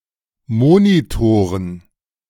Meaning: plural of Monitor
- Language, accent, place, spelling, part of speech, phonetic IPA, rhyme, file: German, Germany, Berlin, Monitoren, noun, [ˈmoːnitoːʁən], -oːʁən, De-Monitoren.ogg